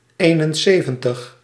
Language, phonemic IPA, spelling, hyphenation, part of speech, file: Dutch, /ˈeːnənˌseːvə(n)təx/, eenenzeventig, een‧en‧ze‧ven‧tig, numeral, Nl-eenenzeventig.ogg
- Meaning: seventy-one